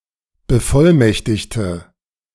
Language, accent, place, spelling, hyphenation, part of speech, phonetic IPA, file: German, Germany, Berlin, Bevollmächtigte, Be‧voll‧mäch‧tig‧te, noun, [bəˈfɔlˌmɛçtɪçtə], De-Bevollmächtigte.ogg
- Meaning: 1. female equivalent of Bevollmächtigter: female plenipotentiary 2. inflection of Bevollmächtigter: strong nominative/accusative plural 3. inflection of Bevollmächtigter: weak nominative singular